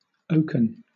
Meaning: Made from the wood of the oak tree. Also in metaphorical uses, suggesting robustness
- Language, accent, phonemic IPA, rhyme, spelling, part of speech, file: English, Southern England, /ˈəʊk.ən/, -əʊkən, oaken, adjective, LL-Q1860 (eng)-oaken.wav